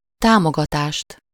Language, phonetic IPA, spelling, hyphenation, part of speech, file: Hungarian, [ˈtaːmoɡɒtaːʃt], támogatást, tá‧mo‧ga‧tást, noun, Hu-támogatást.ogg
- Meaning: accusative singular of támogatás